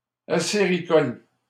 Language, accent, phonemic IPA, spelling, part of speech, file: French, Canada, /a.se.ʁi.kɔl/, acéricole, adjective, LL-Q150 (fra)-acéricole.wav
- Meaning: maple production